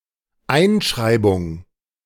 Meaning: 1. enrollment (Am.) / enrolment (Br.) 2. matriculation
- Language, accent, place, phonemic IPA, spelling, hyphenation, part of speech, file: German, Germany, Berlin, /ˈaɪ̯nˌʃʁaɪ̯bʊŋ/, Einschreibung, Ein‧schrei‧bung, noun, De-Einschreibung.ogg